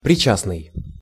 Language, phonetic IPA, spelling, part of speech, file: Russian, [prʲɪˈt͡ɕasnɨj], причастный, adjective, Ru-причастный.ogg
- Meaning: 1. participating, concerned, involved, privy 2. participial